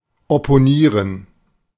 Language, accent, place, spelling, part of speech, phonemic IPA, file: German, Germany, Berlin, opponieren, verb, /ɔpoˈniːʁən/, De-opponieren.ogg
- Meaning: to oppose, to demur, to take up an opposing position